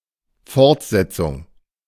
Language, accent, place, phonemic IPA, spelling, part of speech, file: German, Germany, Berlin, /ˈfɔʁtˌzɛt͡sʊŋ/, Fortsetzung, noun, De-Fortsetzung.ogg
- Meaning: 1. continuation, resumption 2. instalment